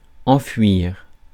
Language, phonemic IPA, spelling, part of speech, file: French, /ɑ̃.fwiʁ/, enfouir, verb, Fr-enfouir.ogg
- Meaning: 1. to bury, to inter (something in the ground) 2. to bury